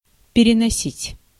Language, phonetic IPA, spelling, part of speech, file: Russian, [pʲɪrʲɪnɐˈsʲitʲ], переносить, verb, Ru-переносить.ogg
- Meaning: 1. to transfer, to carry, to transport (somewhere) 2. to carry over (a word) to the next line 3. to postpone, to put off 4. to extend (to) 5. to bear, to endure, to stand, to tolerate